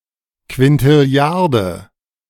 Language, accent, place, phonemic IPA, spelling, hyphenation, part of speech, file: German, Germany, Berlin, /kvɪntɪˈli̯aʁdə/, Quintilliarde, Quin‧til‧li‧ar‧de, numeral, De-Quintilliarde.ogg
- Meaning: decillion (10³³)